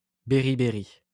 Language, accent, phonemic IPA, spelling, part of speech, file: French, France, /be.ʁi.be.ʁi/, béribéri, noun, LL-Q150 (fra)-béribéri.wav
- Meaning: beriberi